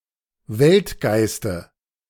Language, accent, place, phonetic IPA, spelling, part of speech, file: German, Germany, Berlin, [ˈvɛltˌɡaɪ̯stə], Weltgeiste, noun, De-Weltgeiste.ogg
- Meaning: dative of Weltgeist